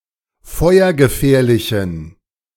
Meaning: inflection of feuergefährlich: 1. strong genitive masculine/neuter singular 2. weak/mixed genitive/dative all-gender singular 3. strong/weak/mixed accusative masculine singular 4. strong dative plural
- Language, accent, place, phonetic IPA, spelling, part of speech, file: German, Germany, Berlin, [ˈfɔɪ̯ɐɡəˌfɛːɐ̯lɪçn̩], feuergefährlichen, adjective, De-feuergefährlichen.ogg